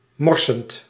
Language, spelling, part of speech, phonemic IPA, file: Dutch, morsen, verb, /ˈmɔrsə(n)/, Nl-morsen.ogg
- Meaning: 1. to spill, drop something, especially mindlessly and/or so that it spreads out 2. to be dirty or be occupied with soil, make a mess 3. to conceal, hide something 4. to sketch, make a test draw